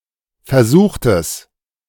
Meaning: inflection of versuchen: 1. second-person singular preterite 2. second-person singular subjunctive II
- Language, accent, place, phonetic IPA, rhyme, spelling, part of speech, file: German, Germany, Berlin, [fɛɐ̯ˈzuːxtəst], -uːxtəst, versuchtest, verb, De-versuchtest.ogg